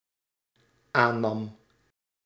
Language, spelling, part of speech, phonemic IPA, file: Dutch, aannam, verb, /ˈanɑm/, Nl-aannam.ogg
- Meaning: singular dependent-clause past indicative of aannemen